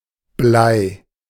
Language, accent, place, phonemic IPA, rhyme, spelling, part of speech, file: German, Germany, Berlin, /blaɪ̯/, -aɪ̯, Blei, noun, De-Blei.ogg
- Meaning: lead (chemical element - Pb, atomic number 82)